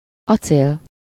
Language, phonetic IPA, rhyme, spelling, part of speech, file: Hungarian, [ˈɒt͡seːl], -eːl, acél, noun, Hu-acél.ogg
- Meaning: 1. steel (artificial metal produced from iron) 2. made of steel 3. steel (item made of steel) 4. sword